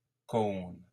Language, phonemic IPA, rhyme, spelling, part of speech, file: French, /kon/, -on, cône, noun, LL-Q150 (fra)-cône.wav
- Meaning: cone (all senses)